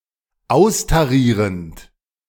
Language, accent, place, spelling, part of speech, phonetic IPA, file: German, Germany, Berlin, austarierend, verb, [ˈaʊ̯staˌʁiːʁənt], De-austarierend.ogg
- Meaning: present participle of austarieren